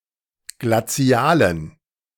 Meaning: inflection of glazial: 1. strong genitive masculine/neuter singular 2. weak/mixed genitive/dative all-gender singular 3. strong/weak/mixed accusative masculine singular 4. strong dative plural
- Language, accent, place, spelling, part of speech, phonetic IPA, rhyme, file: German, Germany, Berlin, glazialen, adjective, [ɡlaˈt͡si̯aːlən], -aːlən, De-glazialen.ogg